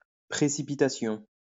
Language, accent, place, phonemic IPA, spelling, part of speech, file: French, France, Lyon, /pʁe.si.pi.ta.sjɔ̃/, præcipitation, noun, LL-Q150 (fra)-præcipitation.wav
- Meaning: obsolete form of précipitation